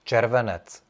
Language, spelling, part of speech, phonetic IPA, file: Czech, červenec, noun, [ˈt͡ʃɛrvɛnɛt͡s], Cs-červenec.ogg
- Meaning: July